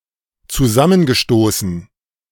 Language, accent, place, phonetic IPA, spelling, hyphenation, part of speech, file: German, Germany, Berlin, [t͡suˈzamənɡəˌʃtoːsn̩], zusammengestoßen, zu‧sam‧men‧ge‧sto‧ßen, verb, De-zusammengestoßen.ogg
- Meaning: past participle of zusammenstoßen